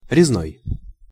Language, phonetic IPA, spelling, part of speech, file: Russian, [rʲɪzˈnoj], резной, adjective, Ru-резной.ogg
- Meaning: cut, carved